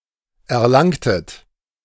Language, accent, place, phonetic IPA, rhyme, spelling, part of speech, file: German, Germany, Berlin, [ɛɐ̯ˈlaŋtət], -aŋtət, erlangtet, verb, De-erlangtet.ogg
- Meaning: inflection of erlangen: 1. second-person plural preterite 2. second-person plural subjunctive II